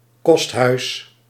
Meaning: boarding house
- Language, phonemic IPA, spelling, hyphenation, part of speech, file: Dutch, /ˈkɔst.ɦœy̯s/, kosthuis, kost‧huis, noun, Nl-kosthuis.ogg